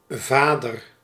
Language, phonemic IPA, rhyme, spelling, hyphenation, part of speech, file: Dutch, /ˈvaː.dər/, -aːdər, vader, va‧der, noun, Nl-vader.ogg
- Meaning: 1. father, male parent 2. forefather